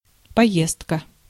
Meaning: tour, journey, trip
- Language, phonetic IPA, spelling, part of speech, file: Russian, [pɐˈjestkə], поездка, noun, Ru-поездка.ogg